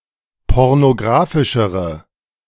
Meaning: inflection of pornografisch: 1. strong/mixed nominative/accusative feminine singular comparative degree 2. strong nominative/accusative plural comparative degree
- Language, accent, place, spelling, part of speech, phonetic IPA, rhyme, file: German, Germany, Berlin, pornografischere, adjective, [ˌpɔʁnoˈɡʁaːfɪʃəʁə], -aːfɪʃəʁə, De-pornografischere.ogg